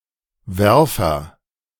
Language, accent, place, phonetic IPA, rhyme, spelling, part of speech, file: German, Germany, Berlin, [ˈvɛʁfɐ], -ɛʁfɐ, Werfer, noun, De-Werfer.ogg
- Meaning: thrower